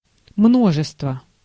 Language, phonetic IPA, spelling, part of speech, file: Russian, [ˈmnoʐɨstvə], множество, noun, Ru-множество.ogg
- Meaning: 1. multitude, mass 2. set